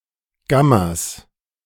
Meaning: plural of Gamma
- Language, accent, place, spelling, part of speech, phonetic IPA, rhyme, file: German, Germany, Berlin, Gammas, noun, [ˈɡamas], -amas, De-Gammas.ogg